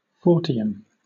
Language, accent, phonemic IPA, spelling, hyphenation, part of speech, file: English, Southern England, /ˈfɔː.tɪ.ən/, Fortean, For‧te‧an, noun / adjective, LL-Q1860 (eng)-Fortean.wav
- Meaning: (noun) 1. A follower or admirer of Charles Fort 2. One who investigates anomalous phenomena; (adjective) 1. Of or pertaining to anomalous phenomena 2. Of or pertaining to Charles Fort